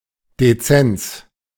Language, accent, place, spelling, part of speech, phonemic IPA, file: German, Germany, Berlin, Dezenz, noun, /deˈtsɛnts/, De-Dezenz.ogg
- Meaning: 1. discreetness 2. unobtrusiveness